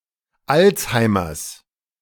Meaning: genitive of Alzheimer
- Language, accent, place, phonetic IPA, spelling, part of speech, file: German, Germany, Berlin, [ˈalt͡shaɪ̯mɐs], Alzheimers, noun, De-Alzheimers.ogg